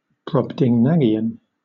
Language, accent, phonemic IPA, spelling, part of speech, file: English, Southern England, /ˌbɹɒbdɪŋˈnaɡɪən/, Brobdingnagian, adjective / noun, LL-Q1860 (eng)-Brobdingnagian.wav
- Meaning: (adjective) 1. Of or pertaining to Brobdingnag 2. Enormous, huge, far larger than is customary for such a thing; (noun) 1. A creature from Brobdingnag 2. A giant